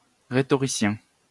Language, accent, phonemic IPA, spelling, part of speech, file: French, France, /ʁe.tɔ.ʁi.sjɛ̃/, rhétoricien, noun / adjective, LL-Q150 (fra)-rhétoricien.wav
- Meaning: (noun) 1. rhetorician 2. final year student, high school senior